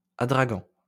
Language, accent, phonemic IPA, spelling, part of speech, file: French, France, /a.dʁa.ɡɑ̃/, adragant, noun, LL-Q150 (fra)-adragant.wav
- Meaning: tragacanth (gum)